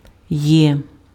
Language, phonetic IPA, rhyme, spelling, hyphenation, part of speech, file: Ukrainian, [jɛ], -ɛ, є, є, character / verb, Uk-є.ogg
- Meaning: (character) The eighth letter of the Ukrainian alphabet, called є (je) and written in the Cyrillic script; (verb) 1. present indicative of бу́ти (búty): am, is, are 2. there is, there are